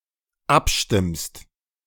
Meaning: second-person singular dependent present of abstimmen
- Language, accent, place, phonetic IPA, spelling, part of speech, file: German, Germany, Berlin, [ˈapˌʃtɪmst], abstimmst, verb, De-abstimmst.ogg